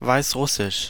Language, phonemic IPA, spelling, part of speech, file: German, /vaɪsˈʁʊsɪʃ/, Weißrussisch, proper noun, De-Weißrussisch.ogg
- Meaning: Belarusian language